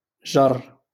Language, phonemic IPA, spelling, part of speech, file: Moroccan Arabic, /ʒarr/, جر, verb, LL-Q56426 (ary)-جر.wav
- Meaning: to pull, to draw, to drag, to attract